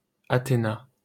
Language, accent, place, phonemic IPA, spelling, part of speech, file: French, France, Paris, /a.te.na/, Athéna, proper noun, LL-Q150 (fra)-Athéna.wav
- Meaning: Athena (goddess)